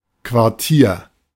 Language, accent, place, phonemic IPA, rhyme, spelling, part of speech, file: German, Germany, Berlin, /kvaʁˈtiːɐ̯/, -iːɐ̯, Quartier, noun, De-Quartier.ogg
- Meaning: 1. accommodation, quarters 2. quarter, district, quartal, neighborhood of a city